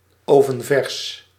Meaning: oven-fresh; fresh out of the oven
- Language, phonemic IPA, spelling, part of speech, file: Dutch, /ˌoːvənˈvɛrs/, ovenvers, adjective, Nl-ovenvers.ogg